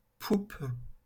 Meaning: poop, stern
- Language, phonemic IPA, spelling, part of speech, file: French, /pup/, poupe, noun, LL-Q150 (fra)-poupe.wav